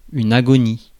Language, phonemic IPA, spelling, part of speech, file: French, /a.ɡɔ.ni/, agonie, noun, Fr-agonie.ogg
- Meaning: the moment just before death